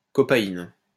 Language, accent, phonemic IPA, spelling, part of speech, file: French, France, /kɔ.pa.in/, copahine, noun, LL-Q150 (fra)-copahine.wav
- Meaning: copaiba (resin)